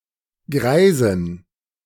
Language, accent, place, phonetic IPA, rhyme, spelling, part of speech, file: German, Germany, Berlin, [ˈɡʁaɪ̯zn̩], -aɪ̯zn̩, greisen, adjective, De-greisen.ogg
- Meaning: inflection of greis: 1. strong genitive masculine/neuter singular 2. weak/mixed genitive/dative all-gender singular 3. strong/weak/mixed accusative masculine singular 4. strong dative plural